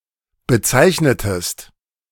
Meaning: inflection of bezeichnen: 1. second-person singular preterite 2. second-person singular subjunctive II
- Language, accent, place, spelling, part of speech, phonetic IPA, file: German, Germany, Berlin, bezeichnetest, verb, [bəˈt͡saɪ̯çnətəst], De-bezeichnetest.ogg